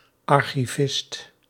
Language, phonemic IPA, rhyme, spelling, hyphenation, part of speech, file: Dutch, /ˌɑr.xiˈvɪst/, -ɪst, archivist, ar‧chi‧vist, noun, Nl-archivist.ogg
- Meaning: archivist